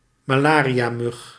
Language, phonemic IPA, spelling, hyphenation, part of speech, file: Dutch, /maːˈlaː.ri.aːˌmʏx/, malariamug, ma‧la‧ria‧mug, noun, Nl-malariamug.ogg
- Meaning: a malaria mosquito; a mosquito of the genus Anopheles that can transmit malaria